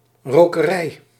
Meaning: smokery, smokehouse (building or facility where fish or meat is cured by smoking)
- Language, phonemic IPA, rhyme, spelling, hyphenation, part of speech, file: Dutch, /ˌroː.kəˈrɛi̯/, -ɛi̯, rokerij, ro‧ke‧rij, noun, Nl-rokerij.ogg